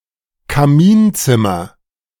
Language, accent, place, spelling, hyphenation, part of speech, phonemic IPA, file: German, Germany, Berlin, Kaminzimmer, Ka‧min‧zim‧mer, noun, /kaˈmiːnˌt͡sɪmɐ/, De-Kaminzimmer.ogg
- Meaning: fireplace room